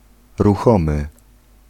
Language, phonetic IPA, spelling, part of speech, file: Polish, [ruˈxɔ̃mɨ], ruchomy, adjective, Pl-ruchomy.ogg